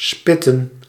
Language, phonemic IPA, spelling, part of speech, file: Dutch, /ˈspɪtə(n)/, spitten, verb / noun, Nl-spitten.ogg
- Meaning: plural of spit